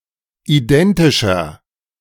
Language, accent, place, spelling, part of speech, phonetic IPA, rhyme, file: German, Germany, Berlin, identischer, adjective, [iˈdɛntɪʃɐ], -ɛntɪʃɐ, De-identischer.ogg
- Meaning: inflection of identisch: 1. strong/mixed nominative masculine singular 2. strong genitive/dative feminine singular 3. strong genitive plural